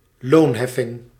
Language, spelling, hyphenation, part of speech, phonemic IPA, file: Dutch, loonheffing, loon‧hef‧fing, noun, /ˈloːnˌɦɛ.fɪŋ/, Nl-loonheffing.ogg
- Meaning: the combination of payroll tax(es) and certain premiums for collective insurances